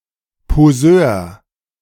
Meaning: poseur
- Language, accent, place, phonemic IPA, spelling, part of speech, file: German, Germany, Berlin, /poˈzøːɐ̯/, Poseur, noun, De-Poseur.ogg